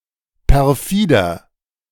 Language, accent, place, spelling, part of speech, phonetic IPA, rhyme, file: German, Germany, Berlin, perfider, adjective, [pɛʁˈfiːdɐ], -iːdɐ, De-perfider.ogg
- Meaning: 1. comparative degree of perfide 2. inflection of perfide: strong/mixed nominative masculine singular 3. inflection of perfide: strong genitive/dative feminine singular